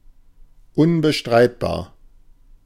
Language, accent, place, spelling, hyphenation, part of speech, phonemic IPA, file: German, Germany, Berlin, unbestreitbar, un‧be‧streit‧bar, adjective, /ˌʊnbəˈʃtʁaɪ̯tbaːɐ̯/, De-unbestreitbar.ogg
- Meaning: undeniable